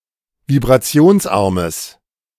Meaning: strong/mixed nominative/accusative neuter singular of vibrationsarm
- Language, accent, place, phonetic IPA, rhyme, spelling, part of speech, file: German, Germany, Berlin, [vibʁaˈt͡si̯oːnsˌʔaʁməs], -oːnsʔaʁməs, vibrationsarmes, adjective, De-vibrationsarmes.ogg